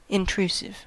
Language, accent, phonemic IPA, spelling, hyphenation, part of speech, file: English, US, /ɪnˈtɹuːsɪv/, intrusive, in‧tru‧sive, adjective / noun, En-us-intrusive.ogg
- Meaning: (adjective) Tending to intrude; doing that which is not welcome; interrupting or disturbing; entering without permission or welcome